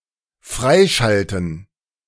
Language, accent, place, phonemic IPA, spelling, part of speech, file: German, Germany, Berlin, /ˈfʁaɪ̯ˌʃaltn̩/, freischalten, verb, De-freischalten.ogg
- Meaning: to activate, to unlock